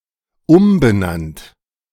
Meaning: past participle of umbenennen
- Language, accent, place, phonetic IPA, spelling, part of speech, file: German, Germany, Berlin, [ˈʊmbəˌnant], umbenannt, adjective / verb, De-umbenannt.ogg